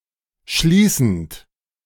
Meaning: present participle of schließen
- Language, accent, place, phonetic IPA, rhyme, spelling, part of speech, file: German, Germany, Berlin, [ˈʃliːsn̩t], -iːsn̩t, schließend, verb, De-schließend.ogg